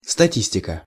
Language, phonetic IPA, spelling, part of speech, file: Russian, [stɐˈtʲisʲtʲɪkə], статистика, noun, Ru-статистика.ogg
- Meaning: statistics (mathematical science)